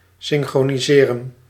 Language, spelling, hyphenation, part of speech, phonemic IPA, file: Dutch, synchroniseren, syn‧chro‧ni‧se‧ren, verb, /ˌsɪn.xroː.niˈzeː.rə(n)/, Nl-synchroniseren.ogg
- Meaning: to synchronize